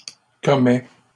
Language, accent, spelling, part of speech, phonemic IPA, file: French, Canada, commet, verb, /kɔ.mɛ/, LL-Q150 (fra)-commet.wav
- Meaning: third-person singular present indicative of commettre